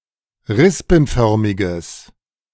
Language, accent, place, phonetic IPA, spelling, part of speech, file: German, Germany, Berlin, [ˈʁɪspn̩ˌfœʁmɪɡəs], rispenförmiges, adjective, De-rispenförmiges.ogg
- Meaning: strong/mixed nominative/accusative neuter singular of rispenförmig